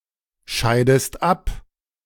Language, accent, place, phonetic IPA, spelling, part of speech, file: German, Germany, Berlin, [ˌʃaɪ̯dəst ˈap], scheidest ab, verb, De-scheidest ab.ogg
- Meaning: inflection of abscheiden: 1. second-person singular present 2. second-person singular subjunctive I